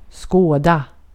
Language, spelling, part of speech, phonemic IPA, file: Swedish, skåda, verb, /ˈskoːˌda/, Sv-skåda.ogg
- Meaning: to behold